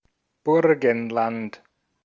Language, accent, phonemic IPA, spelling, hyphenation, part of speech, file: German, Austria, /ˈbʊʁɡn̩lant/, Burgenland, Bur‧gen‧land, proper noun, De-at-Burgenland.ogg
- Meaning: Burgenland (a state of Austria)